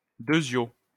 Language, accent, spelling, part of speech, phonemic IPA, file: French, France, deuzio, adverb, /dø.zjo/, LL-Q150 (fra)-deuzio.wav
- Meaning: alternative spelling of deuxio